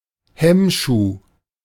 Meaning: 1. break block (a transportable device used to slow down or stop moving railway cars) 2. chock, wheel chock, scotch 3. hindrance
- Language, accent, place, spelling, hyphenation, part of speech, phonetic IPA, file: German, Germany, Berlin, Hemmschuh, Hemm‧schuh, noun, [ˈhɛmˌʃuː], De-Hemmschuh.ogg